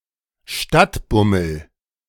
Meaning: a stroll in town
- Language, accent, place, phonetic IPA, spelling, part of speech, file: German, Germany, Berlin, [ˈʃtatˌbʊml̩], Stadtbummel, noun, De-Stadtbummel.ogg